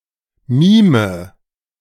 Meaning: inflection of mimen: 1. first-person singular present 2. first/third-person singular subjunctive I 3. singular imperative
- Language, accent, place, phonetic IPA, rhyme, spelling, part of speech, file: German, Germany, Berlin, [ˈmiːmə], -iːmə, mime, verb, De-mime.ogg